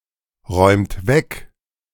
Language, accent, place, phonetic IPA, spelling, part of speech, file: German, Germany, Berlin, [ˌʁɔɪ̯mt ˈvɛk], räumt weg, verb, De-räumt weg.ogg
- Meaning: inflection of wegräumen: 1. second-person plural present 2. third-person singular present 3. plural imperative